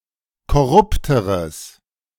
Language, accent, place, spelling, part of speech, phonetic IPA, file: German, Germany, Berlin, korrupteres, adjective, [kɔˈʁʊptəʁəs], De-korrupteres.ogg
- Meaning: strong/mixed nominative/accusative neuter singular comparative degree of korrupt